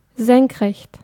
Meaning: vertical (perpendicular to some roughly horizontal line, e.g. the surface of the earth)
- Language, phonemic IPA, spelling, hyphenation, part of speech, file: German, /ˈzɛŋkˌʁɛçt/, senkrecht, senk‧recht, adjective, De-senkrecht.ogg